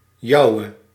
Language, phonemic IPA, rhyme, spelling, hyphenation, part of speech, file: Dutch, /ˈjɑu̯.ə/, -ɑu̯ə, jouwe, jou‧we, pronoun / determiner, Nl-jouwe.ogg
- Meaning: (pronoun) non-attributive form of jouw; yours; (determiner) inflection of jouw: 1. nominative/accusative feminine singular attributive 2. nominative/accusative plural attributive